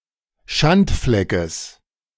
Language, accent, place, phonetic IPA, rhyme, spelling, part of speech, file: German, Germany, Berlin, [ˈʃantˌflɛkəs], -antflɛkəs, Schandfleckes, noun, De-Schandfleckes.ogg
- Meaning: genitive singular of Schandfleck